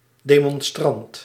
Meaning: demonstrator
- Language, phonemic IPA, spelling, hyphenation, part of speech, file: Dutch, /ˌdeː.mɔnˈstrɑnt/, demonstrant, de‧mon‧strant, noun, Nl-demonstrant.ogg